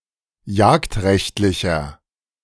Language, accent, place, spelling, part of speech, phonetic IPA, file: German, Germany, Berlin, jagdrechtlicher, adjective, [ˈjaːktˌʁɛçtlɪçɐ], De-jagdrechtlicher.ogg
- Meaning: inflection of jagdrechtlich: 1. strong/mixed nominative masculine singular 2. strong genitive/dative feminine singular 3. strong genitive plural